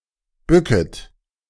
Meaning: second-person plural subjunctive I of bücken
- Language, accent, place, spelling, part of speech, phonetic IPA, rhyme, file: German, Germany, Berlin, bücket, verb, [ˈbʏkət], -ʏkət, De-bücket.ogg